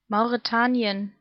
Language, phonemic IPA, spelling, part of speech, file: German, /maʊ̯ʁeˈtaːniən/, Mauretanien, proper noun, De-Mauretanien.ogg
- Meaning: Mauritania (a country in West Africa)